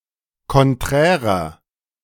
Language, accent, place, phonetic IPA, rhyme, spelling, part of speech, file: German, Germany, Berlin, [kɔnˈtʁɛːʁɐ], -ɛːʁɐ, konträrer, adjective, De-konträrer.ogg
- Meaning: inflection of konträr: 1. strong/mixed nominative masculine singular 2. strong genitive/dative feminine singular 3. strong genitive plural